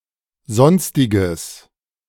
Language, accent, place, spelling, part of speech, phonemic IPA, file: German, Germany, Berlin, sonstiges, adjective, /ˈzɔnstɪɡəs/, De-sonstiges.ogg
- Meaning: strong/mixed nominative/accusative neuter singular of sonstig